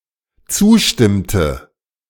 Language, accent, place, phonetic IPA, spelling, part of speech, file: German, Germany, Berlin, [ˈt͡suːˌʃtɪmtə], zustimmte, verb, De-zustimmte.ogg
- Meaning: inflection of zustimmen: 1. first/third-person singular dependent preterite 2. first/third-person singular dependent subjunctive II